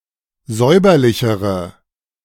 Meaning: inflection of säuberlich: 1. strong/mixed nominative/accusative feminine singular comparative degree 2. strong nominative/accusative plural comparative degree
- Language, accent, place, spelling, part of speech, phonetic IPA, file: German, Germany, Berlin, säuberlichere, adjective, [ˈzɔɪ̯bɐlɪçəʁə], De-säuberlichere.ogg